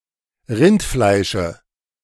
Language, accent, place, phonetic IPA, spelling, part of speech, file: German, Germany, Berlin, [ˈʁɪntˌflaɪ̯ʃə], Rindfleische, noun, De-Rindfleische.ogg
- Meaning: dative of Rindfleisch